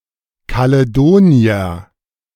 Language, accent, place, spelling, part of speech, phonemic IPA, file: German, Germany, Berlin, Kaledonier, noun, /kaleˈdoːni̯ɐ/, De-Kaledonier.ogg
- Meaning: Caledonian (member of one of the tribes of ancient Scotland) (male or of unspecified sex)